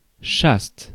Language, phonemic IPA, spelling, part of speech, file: French, /ʃast/, chaste, adjective, Fr-chaste.ogg
- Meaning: chaste; celibate